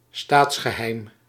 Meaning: state secret
- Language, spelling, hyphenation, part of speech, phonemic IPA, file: Dutch, staatsgeheim, staats‧ge‧heim, noun, /ˈstaːts.xəˌɦɛi̯m/, Nl-staatsgeheim.ogg